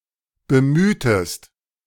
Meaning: inflection of bemühen: 1. second-person singular preterite 2. second-person singular subjunctive II
- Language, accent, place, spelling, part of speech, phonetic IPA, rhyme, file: German, Germany, Berlin, bemühtest, verb, [bəˈmyːtəst], -yːtəst, De-bemühtest.ogg